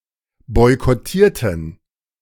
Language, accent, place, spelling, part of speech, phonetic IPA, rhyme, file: German, Germany, Berlin, boykottierten, adjective / verb, [ˌbɔɪ̯kɔˈtiːɐ̯tn̩], -iːɐ̯tn̩, De-boykottierten.ogg
- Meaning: inflection of boykottieren: 1. first/third-person plural preterite 2. first/third-person plural subjunctive II